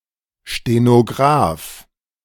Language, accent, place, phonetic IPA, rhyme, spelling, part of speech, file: German, Germany, Berlin, [ʃtenoˈɡʁaːf], -aːf, Stenograf, noun, De-Stenograf.ogg
- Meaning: stenographer, shorthand typist (male or of unspecified gender)